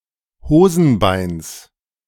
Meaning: genitive singular of Hosenbein
- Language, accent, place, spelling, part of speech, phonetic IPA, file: German, Germany, Berlin, Hosenbeins, noun, [ˈhoːzn̩ˌbaɪ̯ns], De-Hosenbeins.ogg